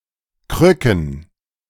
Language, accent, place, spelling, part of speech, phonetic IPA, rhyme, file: German, Germany, Berlin, Krücken, noun, [ˈkʁʏkn̩], -ʏkn̩, De-Krücken.ogg
- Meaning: plural of Krücke